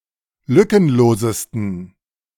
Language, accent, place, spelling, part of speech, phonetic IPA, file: German, Germany, Berlin, lückenlosesten, adjective, [ˈlʏkənˌloːzəstn̩], De-lückenlosesten.ogg
- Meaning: 1. superlative degree of lückenlos 2. inflection of lückenlos: strong genitive masculine/neuter singular superlative degree